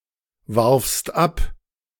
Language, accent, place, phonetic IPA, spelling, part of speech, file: German, Germany, Berlin, [ˌvaʁfst ˈap], warfst ab, verb, De-warfst ab.ogg
- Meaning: second-person singular preterite of abwerfen